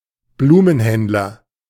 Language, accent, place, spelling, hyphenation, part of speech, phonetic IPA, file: German, Germany, Berlin, Blumenhändler, Blu‧men‧händ‧ler, noun, [ˈbluːmənˌhɛndlɐ], De-Blumenhändler.ogg
- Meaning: florist (male or of unspecified gender)